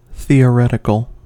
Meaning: Of or relating to theory; abstract; not empirical
- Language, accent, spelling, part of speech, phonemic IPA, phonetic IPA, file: English, US, theoretical, adjective, /ˌθi.əˈɹɛt.ɪ.kəl/, [ˌθi.əˈɹɛɾ.ɪ.kl̩], En-us-theoretical.ogg